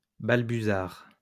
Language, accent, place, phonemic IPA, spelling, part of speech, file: French, France, Lyon, /bal.by.zaʁ/, balbuzard, noun, LL-Q150 (fra)-balbuzard.wav
- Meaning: osprey